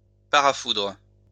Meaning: 1. synonym of parasurtenseur: a surge protector 2. synonym of parasurtenseur: a surge protector: lightning arrestor, lightning interruptor 3. synonym of paratonnerre: lightning conductor
- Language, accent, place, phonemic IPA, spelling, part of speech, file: French, France, Lyon, /pa.ʁa.fudʁ/, parafoudre, noun, LL-Q150 (fra)-parafoudre.wav